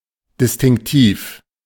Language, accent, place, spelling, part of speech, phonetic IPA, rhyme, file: German, Germany, Berlin, distinktiv, adjective, [dɪstɪŋkˈtiːf], -iːf, De-distinktiv.ogg
- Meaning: distinctive